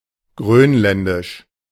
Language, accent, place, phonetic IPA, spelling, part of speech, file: German, Germany, Berlin, [ˈɡʁøːnˌlɛndɪʃ], grönländisch, adjective, De-grönländisch.ogg
- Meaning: Greenlandic, Greenlandish (related to Greenland, its people or its language)